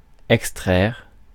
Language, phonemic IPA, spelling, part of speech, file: French, /ɛk.stʁɛʁ/, extraire, verb, Fr-extraire.ogg
- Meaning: 1. extract (to draw out) 2. mine